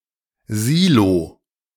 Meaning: silo
- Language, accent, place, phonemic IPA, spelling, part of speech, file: German, Germany, Berlin, /ˈziːlo/, Silo, noun, De-Silo.ogg